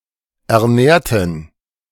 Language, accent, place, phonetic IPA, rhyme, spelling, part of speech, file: German, Germany, Berlin, [ɛɐ̯ˈnɛːɐ̯tn̩], -ɛːɐ̯tn̩, ernährten, adjective / verb, De-ernährten.ogg
- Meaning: inflection of ernähren: 1. first/third-person plural preterite 2. first/third-person plural subjunctive II